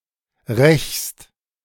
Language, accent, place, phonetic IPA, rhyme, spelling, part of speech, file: German, Germany, Berlin, [ʁɛçst], -ɛçst, rächst, verb, De-rächst.ogg
- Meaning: second-person singular present of rächen